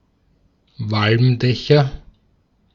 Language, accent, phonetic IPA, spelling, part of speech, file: German, Austria, [ˈvalmˌdɛçɐ], Walmdächer, noun, De-at-Walmdächer.ogg
- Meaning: nominative/accusative/genitive plural of Walmdach